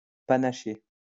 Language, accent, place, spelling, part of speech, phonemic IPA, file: French, France, Lyon, panaché, noun / verb / adjective, /pa.na.ʃe/, LL-Q150 (fra)-panaché.wav
- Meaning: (noun) 1. shandy (mix of beer and lemonade) 2. mixture; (verb) past participle of panacher; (adjective) mixed, variegated